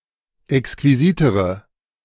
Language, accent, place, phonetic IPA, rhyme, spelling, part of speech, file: German, Germany, Berlin, [ɛkskviˈziːtəʁə], -iːtəʁə, exquisitere, adjective, De-exquisitere.ogg
- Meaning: inflection of exquisit: 1. strong/mixed nominative/accusative feminine singular comparative degree 2. strong nominative/accusative plural comparative degree